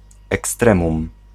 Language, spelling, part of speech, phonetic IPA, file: Polish, ekstremum, noun, [ɛksˈtrɛ̃mũm], Pl-ekstremum.ogg